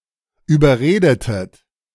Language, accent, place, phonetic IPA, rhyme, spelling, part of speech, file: German, Germany, Berlin, [yːbɐˈʁeːdətət], -eːdətət, überredetet, verb, De-überredetet.ogg
- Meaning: inflection of überreden: 1. second-person plural preterite 2. second-person plural subjunctive II